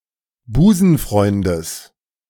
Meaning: genitive of Busenfreund
- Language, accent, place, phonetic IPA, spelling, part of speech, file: German, Germany, Berlin, [ˈbuːzn̩ˌfʁɔɪ̯ndəs], Busenfreundes, noun, De-Busenfreundes.ogg